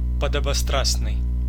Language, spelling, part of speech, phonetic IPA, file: Russian, подобострастный, adjective, [pədəbɐˈstrasnɨj], Ru-подобострастный.ogg
- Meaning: subservient, menial, obsequious, servile (fawning)